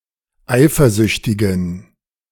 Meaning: inflection of eifersüchtig: 1. strong genitive masculine/neuter singular 2. weak/mixed genitive/dative all-gender singular 3. strong/weak/mixed accusative masculine singular 4. strong dative plural
- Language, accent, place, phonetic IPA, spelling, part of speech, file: German, Germany, Berlin, [ˈaɪ̯fɐˌzʏçtɪɡn̩], eifersüchtigen, adjective, De-eifersüchtigen.ogg